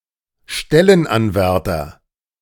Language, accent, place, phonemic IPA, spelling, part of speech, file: German, Germany, Berlin, /ˈʃtɛlənˌanvɛʁtəʁɪn/, Stellenanwärterin, noun, De-Stellenanwärterin.ogg
- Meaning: female equivalent of Stellenanwärter (“job applicant, job candidate”)